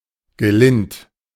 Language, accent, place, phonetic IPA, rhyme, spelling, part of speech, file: German, Germany, Berlin, [ɡəˈlɪnt], -ɪnt, gelind, adjective, De-gelind.ogg
- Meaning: alternative form of gelinde